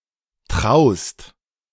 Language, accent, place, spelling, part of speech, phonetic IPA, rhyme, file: German, Germany, Berlin, traust, verb, [tʁaʊ̯st], -aʊ̯st, De-traust.ogg
- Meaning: second-person singular present of trauen